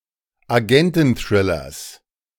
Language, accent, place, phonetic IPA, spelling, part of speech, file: German, Germany, Berlin, [aˈɡɛntn̩ˌθʁɪlɐs], Agententhrillers, noun, De-Agententhrillers.ogg
- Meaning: genitive singular of Agententhriller